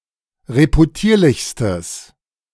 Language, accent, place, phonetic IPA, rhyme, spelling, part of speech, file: German, Germany, Berlin, [ʁepuˈtiːɐ̯lɪçstəs], -iːɐ̯lɪçstəs, reputierlichstes, adjective, De-reputierlichstes.ogg
- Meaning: strong/mixed nominative/accusative neuter singular superlative degree of reputierlich